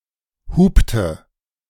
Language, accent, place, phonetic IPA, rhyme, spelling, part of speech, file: German, Germany, Berlin, [ˈhuːptə], -uːptə, hupte, verb, De-hupte.ogg
- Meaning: inflection of hupen: 1. first/third-person singular preterite 2. first/third-person singular subjunctive II